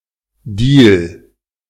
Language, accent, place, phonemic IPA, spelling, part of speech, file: German, Germany, Berlin, /diːl/, Deal, noun, De-Deal.ogg
- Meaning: deal (often implying a dubious nature)